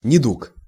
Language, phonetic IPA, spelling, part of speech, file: Russian, [nʲɪˈduk], недуг, noun, Ru-недуг.ogg
- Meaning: disease, illness, malady (an abnormal condition of the body causing discomfort or dysfunction)